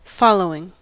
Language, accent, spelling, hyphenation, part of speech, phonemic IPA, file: English, US, following, fol‧low‧ing, adjective / preposition / noun / verb, /ˈfɑloʊɪŋ/, En-us-following.ogg
- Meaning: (adjective) 1. Coming next, either in sequence or in time 2. About to be specified 3. Blowing in the direction of travel, as opposed to headwind; downwind; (preposition) After, subsequent to